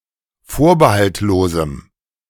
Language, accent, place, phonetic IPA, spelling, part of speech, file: German, Germany, Berlin, [ˈfoːɐ̯bəhaltˌloːzm̩], vorbehaltlosem, adjective, De-vorbehaltlosem.ogg
- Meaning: strong dative masculine/neuter singular of vorbehaltlos